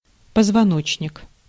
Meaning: backbone, spinal column, vertebral column, spine (set of bones which connected make up the spine and spinal column)
- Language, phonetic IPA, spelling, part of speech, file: Russian, [pəzvɐˈnot͡ɕnʲɪk], позвоночник, noun, Ru-позвоночник.ogg